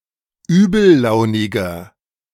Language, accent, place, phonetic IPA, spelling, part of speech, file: German, Germany, Berlin, [ˈyːbl̩ˌlaʊ̯nɪɡɐ], übellauniger, adjective, De-übellauniger.ogg
- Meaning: 1. comparative degree of übellaunig 2. inflection of übellaunig: strong/mixed nominative masculine singular 3. inflection of übellaunig: strong genitive/dative feminine singular